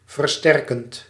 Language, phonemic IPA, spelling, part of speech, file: Dutch, /vərˈstɛr.kənt/, versterkend, verb, Nl-versterkend.ogg
- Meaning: present participle of versterken